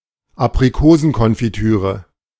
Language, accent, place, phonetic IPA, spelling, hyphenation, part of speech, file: German, Germany, Berlin, [apʀiˈkoːzn̩kɔnfiˌtyːʀə], Aprikosenkonfitüre, Ap‧ri‧ko‧sen‧kon‧fi‧tü‧re, noun, De-Aprikosenkonfitüre.ogg
- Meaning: apricot confiture